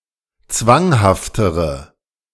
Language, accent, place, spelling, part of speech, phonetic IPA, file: German, Germany, Berlin, zwanghaftere, adjective, [ˈt͡svaŋhaftəʁə], De-zwanghaftere.ogg
- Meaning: inflection of zwanghaft: 1. strong/mixed nominative/accusative feminine singular comparative degree 2. strong nominative/accusative plural comparative degree